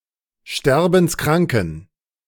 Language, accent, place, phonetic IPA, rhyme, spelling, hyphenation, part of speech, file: German, Germany, Berlin, [ˈʃtɛʁbn̩sˈkʁaŋkn̩], -aŋkn̩, sterbenskranken, ster‧bens‧kran‧ken, adjective, De-sterbenskranken.ogg
- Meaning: inflection of sterbenskrank: 1. strong genitive masculine/neuter singular 2. weak/mixed genitive/dative all-gender singular 3. strong/weak/mixed accusative masculine singular 4. strong dative plural